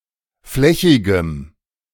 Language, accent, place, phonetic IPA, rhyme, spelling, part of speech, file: German, Germany, Berlin, [ˈflɛçɪɡəm], -ɛçɪɡəm, flächigem, adjective, De-flächigem.ogg
- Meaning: strong dative masculine/neuter singular of flächig